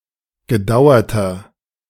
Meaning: inflection of gedauert: 1. strong/mixed nominative masculine singular 2. strong genitive/dative feminine singular 3. strong genitive plural
- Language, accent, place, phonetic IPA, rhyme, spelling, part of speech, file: German, Germany, Berlin, [ɡəˈdaʊ̯ɐtɐ], -aʊ̯ɐtɐ, gedauerter, adjective, De-gedauerter.ogg